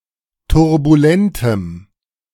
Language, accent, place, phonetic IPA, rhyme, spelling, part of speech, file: German, Germany, Berlin, [tʊʁbuˈlɛntəm], -ɛntəm, turbulentem, adjective, De-turbulentem.ogg
- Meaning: strong dative masculine/neuter singular of turbulent